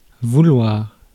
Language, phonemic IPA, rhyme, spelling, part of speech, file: French, /vu.lwaʁ/, -waʁ, vouloir, verb / noun, Fr-vouloir.ogg
- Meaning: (verb) 1. to want, wish, desire 2. to expect; to think; forms rhetorical questions, perhaps better translated to English by rephrasing with would or should